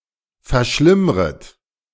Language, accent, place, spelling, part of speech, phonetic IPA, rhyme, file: German, Germany, Berlin, verschlimmret, verb, [fɛɐ̯ˈʃlɪmʁət], -ɪmʁət, De-verschlimmret.ogg
- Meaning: second-person plural subjunctive I of verschlimmern